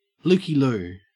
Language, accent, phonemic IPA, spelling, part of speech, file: English, Australia, /ˌlʊkiˈluː/, looky-loo, noun, En-au-looky-loo.ogg
- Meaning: 1. One who looks or stares; a gawker; a nosy or overly inquisitive person 2. A look at something; a glance; an opportunity to look around